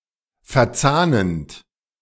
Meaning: present participle of verzahnen
- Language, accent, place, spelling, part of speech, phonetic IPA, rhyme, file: German, Germany, Berlin, verzahnend, verb, [fɛɐ̯ˈt͡saːnənt], -aːnənt, De-verzahnend.ogg